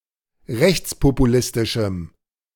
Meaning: strong dative masculine/neuter singular of rechtspopulistisch
- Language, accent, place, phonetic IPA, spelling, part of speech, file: German, Germany, Berlin, [ˈʁɛçt͡spopuˌlɪstɪʃm̩], rechtspopulistischem, adjective, De-rechtspopulistischem.ogg